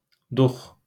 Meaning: courage
- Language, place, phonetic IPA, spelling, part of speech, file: Azerbaijani, Baku, [duχ], dux, noun, LL-Q9292 (aze)-dux.wav